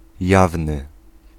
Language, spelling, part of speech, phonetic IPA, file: Polish, jawny, adjective, [ˈjavnɨ], Pl-jawny.ogg